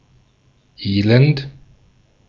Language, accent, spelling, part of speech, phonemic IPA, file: German, Austria, Elend, noun, /ˈeːlɛnt/, De-at-Elend.ogg
- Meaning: misery